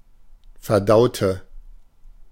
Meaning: inflection of verdauen: 1. first/third-person singular preterite 2. first/third-person singular subjunctive II
- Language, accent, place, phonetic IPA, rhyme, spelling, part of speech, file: German, Germany, Berlin, [fɛɐ̯ˈdaʊ̯tə], -aʊ̯tə, verdaute, adjective / verb, De-verdaute.ogg